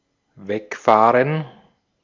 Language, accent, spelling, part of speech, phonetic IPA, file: German, Austria, wegfahren, verb, [ˈvɛkfaːrən], De-at-wegfahren.ogg
- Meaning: 1. to drive away, to drive off 2. to drive away, take away with a vehicle